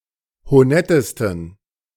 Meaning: 1. superlative degree of honett 2. inflection of honett: strong genitive masculine/neuter singular superlative degree
- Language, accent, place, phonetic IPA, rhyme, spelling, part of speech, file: German, Germany, Berlin, [hoˈnɛtəstn̩], -ɛtəstn̩, honettesten, adjective, De-honettesten.ogg